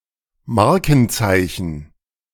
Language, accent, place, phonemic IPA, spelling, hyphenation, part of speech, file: German, Germany, Berlin, /ˈmaʁkn̩ˌt͡saɪ̯çn̩/, Markenzeichen, Mar‧ken‧zei‧chen, noun, De-Markenzeichen.ogg
- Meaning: trademark